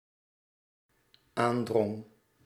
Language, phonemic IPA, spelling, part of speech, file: Dutch, /ˈandrɔŋ/, aandrong, verb, Nl-aandrong.ogg
- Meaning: singular dependent-clause past indicative of aandringen